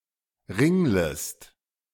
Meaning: second-person singular subjunctive I of ringeln
- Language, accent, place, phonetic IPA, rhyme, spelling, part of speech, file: German, Germany, Berlin, [ˈʁɪŋləst], -ɪŋləst, ringlest, verb, De-ringlest.ogg